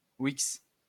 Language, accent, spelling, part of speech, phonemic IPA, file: French, France, Wix, proper noun, /wiks/, LL-Q150 (fra)-Wix.wav
- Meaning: synonym of Wiktionnaire